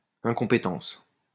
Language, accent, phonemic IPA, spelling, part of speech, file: French, France, /ɛ̃.kɔ̃.pe.tɑ̃s/, incompétence, noun, LL-Q150 (fra)-incompétence.wav
- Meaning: incompetence